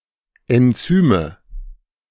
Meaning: nominative/accusative/genitive plural of Enzym
- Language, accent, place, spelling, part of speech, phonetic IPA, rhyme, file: German, Germany, Berlin, Enzyme, noun, [ɛnˈt͡syːmə], -yːmə, De-Enzyme.ogg